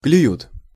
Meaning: third-person plural present indicative imperfective of клева́ть (klevátʹ)
- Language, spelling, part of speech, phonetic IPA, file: Russian, клюют, verb, [klʲʉˈjut], Ru-клюют.ogg